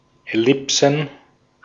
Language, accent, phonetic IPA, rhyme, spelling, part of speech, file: German, Austria, [ɛˈlɪpsn̩], -ɪpsn̩, Ellipsen, noun, De-at-Ellipsen.ogg
- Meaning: plural of Ellipse